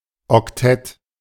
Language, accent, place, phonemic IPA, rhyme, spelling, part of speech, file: German, Germany, Berlin, /ɔkˈtɛt/, -ɛt, Oktett, noun, De-Oktett.ogg
- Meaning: octet